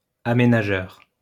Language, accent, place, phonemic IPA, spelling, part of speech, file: French, France, Lyon, /a.me.na.ʒœʁ/, aménageur, noun, LL-Q150 (fra)-aménageur.wav
- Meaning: developer (etc)